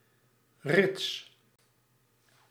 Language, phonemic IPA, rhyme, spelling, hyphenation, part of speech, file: Dutch, /rɪts/, -ɪts, rits, rits, interjection / noun / adjective, Nl-rits.ogg
- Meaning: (interjection) sound of tearing or closing a zip fastener; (noun) zipper (US), zip fastener (UK); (adjective) randy, in heat, horny, lewd